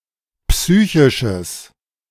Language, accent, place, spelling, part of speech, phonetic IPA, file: German, Germany, Berlin, psychisches, adjective, [ˈpsyːçɪʃəs], De-psychisches.ogg
- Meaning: strong/mixed nominative/accusative neuter singular of psychisch